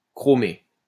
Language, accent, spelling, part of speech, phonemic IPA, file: French, France, chromé, verb / adjective, /kʁɔ.me/, LL-Q150 (fra)-chromé.wav
- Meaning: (verb) past participle of chromer; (adjective) 1. chrome / chromium 2. chromium-plated